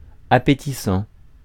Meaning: appetizing
- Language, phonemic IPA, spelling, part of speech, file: French, /a.pe.ti.sɑ̃/, appétissant, adjective, Fr-appétissant.ogg